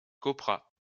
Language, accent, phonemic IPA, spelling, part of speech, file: French, France, /kɔ.pʁa/, coprah, noun, LL-Q150 (fra)-coprah.wav
- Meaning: copra (dried kernel of coconut)